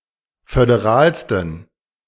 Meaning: 1. superlative degree of föderal 2. inflection of föderal: strong genitive masculine/neuter singular superlative degree
- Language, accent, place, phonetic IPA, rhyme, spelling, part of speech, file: German, Germany, Berlin, [fødeˈʁaːlstn̩], -aːlstn̩, föderalsten, adjective, De-föderalsten.ogg